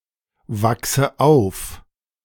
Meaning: inflection of aufwachsen: 1. first-person singular present 2. first/third-person singular subjunctive I 3. singular imperative
- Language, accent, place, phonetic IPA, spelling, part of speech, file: German, Germany, Berlin, [ˌvaksə ˈaʊ̯f], wachse auf, verb, De-wachse auf.ogg